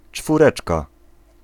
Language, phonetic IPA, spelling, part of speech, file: Polish, [t͡ʃfurˈɛt͡ʃka], czwóreczka, noun, Pl-czwóreczka.ogg